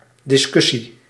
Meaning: discussion, debate
- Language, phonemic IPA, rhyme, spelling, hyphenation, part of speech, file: Dutch, /ˌdɪsˈkʏ.si/, -ʏsi, discussie, dis‧cus‧sie, noun, Nl-discussie.ogg